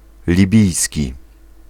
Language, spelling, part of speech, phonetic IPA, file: Polish, libijski, adjective, [lʲiˈbʲijsʲci], Pl-libijski.ogg